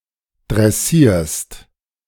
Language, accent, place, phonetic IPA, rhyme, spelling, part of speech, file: German, Germany, Berlin, [dʁɛˈsiːɐ̯st], -iːɐ̯st, dressierst, verb, De-dressierst.ogg
- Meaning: second-person singular present of dressieren